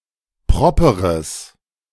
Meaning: strong/mixed nominative/accusative neuter singular of proper
- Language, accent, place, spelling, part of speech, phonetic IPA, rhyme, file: German, Germany, Berlin, properes, adjective, [ˈpʁɔpəʁəs], -ɔpəʁəs, De-properes.ogg